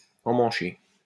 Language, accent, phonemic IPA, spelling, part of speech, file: French, France, /ɑ̃.mɑ̃.ʃe/, emmancher, verb, LL-Q150 (fra)-emmancher.wav
- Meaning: 1. to fit, to attach (especially to a shaft or a handle) 2. to help someone into 3. to get going, start up, set about, commence 4. to sodomise, buttfuck